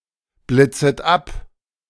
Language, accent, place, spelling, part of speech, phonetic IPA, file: German, Germany, Berlin, blitzet ab, verb, [ˌblɪt͡sət ˈap], De-blitzet ab.ogg
- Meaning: second-person plural subjunctive I of abblitzen